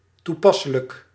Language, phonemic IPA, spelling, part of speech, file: Dutch, /tuˈpɑsələk/, toepasselijk, adjective, Nl-toepasselijk.ogg
- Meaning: apt, applicable, appropriate